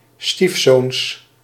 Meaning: plural of stiefzoon
- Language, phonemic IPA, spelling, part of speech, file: Dutch, /ˈstifsons/, stiefzoons, noun, Nl-stiefzoons.ogg